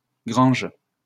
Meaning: plural of grange
- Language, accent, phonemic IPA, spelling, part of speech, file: French, France, /ɡʁɑ̃ʒ/, granges, noun, LL-Q150 (fra)-granges.wav